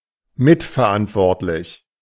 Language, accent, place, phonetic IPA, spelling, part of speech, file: German, Germany, Berlin, [ˈmɪtfɛɐ̯ˌʔantvɔʁtlɪç], mitverantwortlich, adjective, De-mitverantwortlich.ogg
- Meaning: co-responsible; responsible along with others